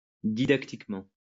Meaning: didactically
- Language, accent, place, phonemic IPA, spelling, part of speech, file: French, France, Lyon, /di.dak.tik.mɑ̃/, didactiquement, adverb, LL-Q150 (fra)-didactiquement.wav